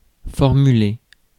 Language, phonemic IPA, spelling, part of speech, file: French, /fɔʁ.my.le/, formuler, verb, Fr-formuler.ogg
- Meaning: 1. to formulate 2. to express; to word, to put into words